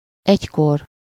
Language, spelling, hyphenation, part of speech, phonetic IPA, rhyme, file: Hungarian, egykor, egy‧kor, numeral / adverb, [ˈɛckor], -or, Hu-egykor.ogg
- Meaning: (numeral) temporal-suffixed form of egy, synonym of egy órakor (“at one o'clock”); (adverb) at one time, formerly, sometime (at an indefinite time in the past)